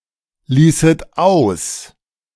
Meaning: second-person plural subjunctive II of auslassen
- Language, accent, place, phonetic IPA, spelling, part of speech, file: German, Germany, Berlin, [ˌliːsət ˈaʊ̯s], ließet aus, verb, De-ließet aus.ogg